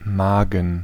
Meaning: stomach, maw
- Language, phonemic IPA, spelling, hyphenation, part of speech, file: German, /ˈmaːɡən/, Magen, Ma‧gen, noun, De-Magen.ogg